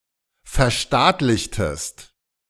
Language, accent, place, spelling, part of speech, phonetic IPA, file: German, Germany, Berlin, verstaatlichtest, verb, [fɛɐ̯ˈʃtaːtlɪçtəst], De-verstaatlichtest.ogg
- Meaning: inflection of verstaatlichen: 1. second-person singular preterite 2. second-person singular subjunctive II